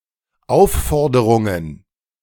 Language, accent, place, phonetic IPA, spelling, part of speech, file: German, Germany, Berlin, [ˈaʊ̯fˌfɔʁdəʁʊŋən], Aufforderungen, noun, De-Aufforderungen.ogg
- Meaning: plural of Aufforderung